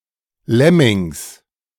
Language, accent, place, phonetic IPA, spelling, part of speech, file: German, Germany, Berlin, [ˈlɛmɪŋs], Lemmings, noun, De-Lemmings.ogg
- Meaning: genitive singular of Lemming